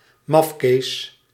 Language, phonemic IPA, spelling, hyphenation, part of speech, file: Dutch, /ˈmɑf.keːs/, mafkees, maf‧kees, noun, Nl-mafkees.ogg
- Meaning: weirdo, goofball, nutjob